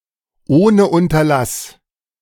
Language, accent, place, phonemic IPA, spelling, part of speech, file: German, Germany, Berlin, /ˈʔoːnə ˈʔʊntɐlas/, ohne Unterlass, adverb, De-ohne Unterlass.ogg
- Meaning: without intermission